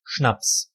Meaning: spirit, booze, hard liquor
- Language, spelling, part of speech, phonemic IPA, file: German, Schnaps, noun, /ʃnaps/, De-Schnaps.ogg